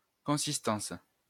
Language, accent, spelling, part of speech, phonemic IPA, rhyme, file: French, France, consistance, noun, /kɔ̃.sis.tɑ̃s/, -ɑ̃s, LL-Q150 (fra)-consistance.wav
- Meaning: consistence (physical quality)